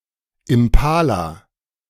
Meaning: impala
- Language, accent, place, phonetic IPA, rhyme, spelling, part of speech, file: German, Germany, Berlin, [ɪmˈpaːla], -aːla, Impala, noun, De-Impala.ogg